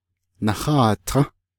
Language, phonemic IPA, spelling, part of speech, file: Navajo, /nɑ̀hɑ̂ːtʰɑ̃́/, naháatą́, verb, Nv-naháatą́.ogg
- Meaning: first-person plural si-perfective neuter of sidá